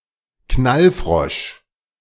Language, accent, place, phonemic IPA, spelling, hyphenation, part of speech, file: German, Germany, Berlin, /ˈknalˌfʁɔʃ/, Knallfrosch, Knall‧frosch, noun, De-Knallfrosch.ogg
- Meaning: a type of firecracker that jumps on the ground and is usually green